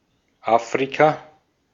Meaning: Africa (the continent south of Europe and between the Atlantic and Indian Oceans)
- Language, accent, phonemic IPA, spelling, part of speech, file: German, Austria, /ˈa(ː)fʁika/, Afrika, proper noun, De-at-Afrika.ogg